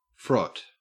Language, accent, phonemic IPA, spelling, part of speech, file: English, Australia, /fɹɔt/, frot, verb / noun, En-au-frot.ogg
- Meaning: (verb) 1. To rub one's penis against another person's penis for sexual gratification 2. To rub, chafe 3. To work leather by rubbing; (noun) A sexual act in which two people rub their penises together